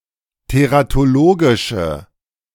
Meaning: inflection of teratologisch: 1. strong/mixed nominative/accusative feminine singular 2. strong nominative/accusative plural 3. weak nominative all-gender singular
- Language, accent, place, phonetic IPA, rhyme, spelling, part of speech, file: German, Germany, Berlin, [teʁatoˈloːɡɪʃə], -oːɡɪʃə, teratologische, adjective, De-teratologische.ogg